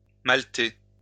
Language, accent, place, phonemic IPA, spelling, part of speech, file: French, France, Lyon, /mal.te/, malter, verb, LL-Q150 (fra)-malter.wav
- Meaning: to malt